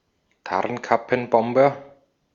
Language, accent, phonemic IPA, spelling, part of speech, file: German, Austria, /ˈtaʁnkapn̩ˌbɔmbɐ/, Tarnkappenbomber, noun, De-at-Tarnkappenbomber.ogg
- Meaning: stealth bomber